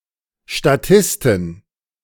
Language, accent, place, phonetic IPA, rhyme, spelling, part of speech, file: German, Germany, Berlin, [ʃtaˈtɪstɪn], -ɪstɪn, Statistin, noun, De-Statistin.ogg
- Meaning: extra (background actress / actor) (female)